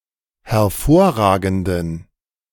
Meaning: inflection of hervorragend: 1. strong genitive masculine/neuter singular 2. weak/mixed genitive/dative all-gender singular 3. strong/weak/mixed accusative masculine singular 4. strong dative plural
- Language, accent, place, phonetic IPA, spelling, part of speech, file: German, Germany, Berlin, [hɛɐ̯ˈfoːɐ̯ˌʁaːɡn̩dən], hervorragenden, adjective, De-hervorragenden.ogg